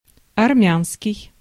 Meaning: Armenian
- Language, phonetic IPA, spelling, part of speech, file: Russian, [ɐrˈmʲanskʲɪj], армянский, adjective, Ru-армянский.ogg